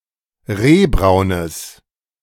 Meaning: strong/mixed nominative/accusative neuter singular of rehbraun
- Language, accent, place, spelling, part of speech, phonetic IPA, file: German, Germany, Berlin, rehbraunes, adjective, [ˈʁeːˌbʁaʊ̯nəs], De-rehbraunes.ogg